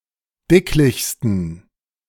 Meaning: 1. superlative degree of dicklich 2. inflection of dicklich: strong genitive masculine/neuter singular superlative degree
- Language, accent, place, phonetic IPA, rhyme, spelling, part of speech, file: German, Germany, Berlin, [ˈdɪklɪçstn̩], -ɪklɪçstn̩, dicklichsten, adjective, De-dicklichsten.ogg